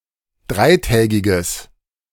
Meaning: strong/mixed nominative/accusative neuter singular of dreitägig
- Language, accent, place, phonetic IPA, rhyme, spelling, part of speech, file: German, Germany, Berlin, [ˈdʁaɪ̯ˌtɛːɡɪɡəs], -aɪ̯tɛːɡɪɡəs, dreitägiges, adjective, De-dreitägiges.ogg